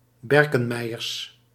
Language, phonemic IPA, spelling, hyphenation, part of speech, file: Dutch, /ˈbɛr.kə(n)ˌmɛi̯.ər/, berkenmeier, ber‧ken‧mei‧er, noun, Nl-berkenmeier.ogg
- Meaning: a chalice, originally one carved from birch wood